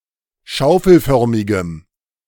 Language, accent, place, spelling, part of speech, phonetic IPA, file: German, Germany, Berlin, schaufelförmigem, adjective, [ˈʃaʊ̯fl̩ˌfœʁmɪɡəm], De-schaufelförmigem.ogg
- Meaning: strong dative masculine/neuter singular of schaufelförmig